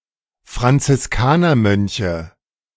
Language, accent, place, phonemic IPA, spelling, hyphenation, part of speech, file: German, Germany, Berlin, /fʁant͡sɪsˈkaːnɐˌmœnçə/, Franziskanermönche, Fran‧zis‧ka‧ner‧mön‧che, noun, De-Franziskanermönche.ogg
- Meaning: nominative/accusative/genitive plural of Franziskanermönch